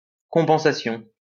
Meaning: compensation
- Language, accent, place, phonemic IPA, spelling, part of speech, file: French, France, Lyon, /kɔ̃.pɑ̃.sa.sjɔ̃/, compensation, noun, LL-Q150 (fra)-compensation.wav